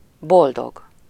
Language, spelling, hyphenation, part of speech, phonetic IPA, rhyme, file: Hungarian, boldog, bol‧dog, adjective, [ˈboldoɡ], -oɡ, Hu-boldog.ogg
- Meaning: 1. happy 2. blessed, beatified